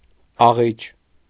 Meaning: girl
- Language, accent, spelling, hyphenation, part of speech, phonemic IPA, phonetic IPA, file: Armenian, Eastern Armenian, աղիճ, ա‧ղիճ, noun, /ɑˈʁit͡ʃ/, [ɑʁít͡ʃ], Hy-աղիճ.ogg